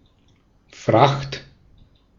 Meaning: 1. freight, cargo 2. fare, the price paid for conveyance
- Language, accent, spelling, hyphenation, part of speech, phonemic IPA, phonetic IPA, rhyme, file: German, Austria, Fracht, Fracht, noun, /fraxt/, [fʁäχt], -axt, De-at-Fracht.ogg